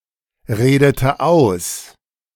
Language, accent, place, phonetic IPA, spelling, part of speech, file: German, Germany, Berlin, [ˌʁeːdətə ˈaʊ̯s], redete aus, verb, De-redete aus.ogg
- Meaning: inflection of ausreden: 1. first/third-person singular preterite 2. first/third-person singular subjunctive II